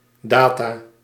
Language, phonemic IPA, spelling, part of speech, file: Dutch, /ˈdaːtaː/, data, noun, Nl-data.ogg
- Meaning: 1. plural of datum 2. data, information